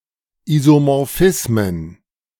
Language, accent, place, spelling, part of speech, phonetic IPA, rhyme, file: German, Germany, Berlin, Isomorphismen, noun, [izomɔʁˈfɪsmən], -ɪsmən, De-Isomorphismen.ogg
- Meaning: plural of Isomorphismus